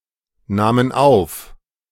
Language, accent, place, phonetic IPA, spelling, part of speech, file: German, Germany, Berlin, [ˌnaːmən ˈaʊ̯f], nahmen auf, verb, De-nahmen auf.ogg
- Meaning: first/third-person plural preterite of aufnehmen